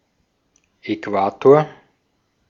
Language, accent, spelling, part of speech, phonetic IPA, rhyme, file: German, Austria, Äquator, noun, [ɛˈkvaːtoːɐ̯], -aːtoːɐ̯, De-at-Äquator.oga
- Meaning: equator